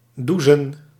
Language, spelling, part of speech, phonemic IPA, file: Dutch, doezen, verb, /ˈduzə(n)/, Nl-doezen.ogg
- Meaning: 1. to doze 2. pronunciation spelling of douchen